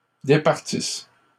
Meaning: inflection of départir: 1. third-person plural present indicative/subjunctive 2. third-person plural imperfect subjunctive
- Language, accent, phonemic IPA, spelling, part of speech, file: French, Canada, /de.paʁ.tis/, départissent, verb, LL-Q150 (fra)-départissent.wav